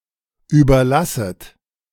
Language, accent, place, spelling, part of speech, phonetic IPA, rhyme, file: German, Germany, Berlin, überlasset, verb, [ˌyːbɐˈlasət], -asət, De-überlasset.ogg
- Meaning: second-person plural subjunctive I of überlassen